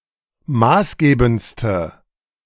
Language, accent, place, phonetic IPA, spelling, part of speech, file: German, Germany, Berlin, [ˈmaːsˌɡeːbn̩t͡stə], maßgebendste, adjective, De-maßgebendste.ogg
- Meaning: inflection of maßgebend: 1. strong/mixed nominative/accusative feminine singular superlative degree 2. strong nominative/accusative plural superlative degree